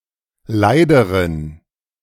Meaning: inflection of leid: 1. strong genitive masculine/neuter singular comparative degree 2. weak/mixed genitive/dative all-gender singular comparative degree
- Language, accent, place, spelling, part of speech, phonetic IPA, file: German, Germany, Berlin, leideren, adjective, [ˈlaɪ̯dəʁən], De-leideren.ogg